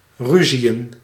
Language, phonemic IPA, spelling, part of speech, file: Dutch, /ˈry.zi.ə(n)/, ruziën, verb, Nl-ruziën.ogg
- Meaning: to quarrel